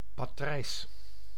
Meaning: 1. A partridge, any bird of the genera Perdix or Alectoris 2. grey partridge (Perdix perdix) 3. negative of a matrix
- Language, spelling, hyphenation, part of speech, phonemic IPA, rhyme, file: Dutch, patrijs, pa‧trijs, noun, /paːˈtrɛi̯s/, -ɛi̯s, Nl-patrijs.ogg